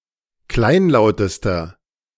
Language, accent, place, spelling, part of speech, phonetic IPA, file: German, Germany, Berlin, kleinlautester, adjective, [ˈklaɪ̯nˌlaʊ̯təstɐ], De-kleinlautester.ogg
- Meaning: inflection of kleinlaut: 1. strong/mixed nominative masculine singular superlative degree 2. strong genitive/dative feminine singular superlative degree 3. strong genitive plural superlative degree